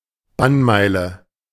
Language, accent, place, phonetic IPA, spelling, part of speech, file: German, Germany, Berlin, [ˈbanˌmaɪ̯lə], Bannmeile, noun, De-Bannmeile.ogg
- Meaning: 1. area around a city governed by special trade laws 2. protective area around certain government buildings in Germany, especially the Bundestag, where demonstrations are illegal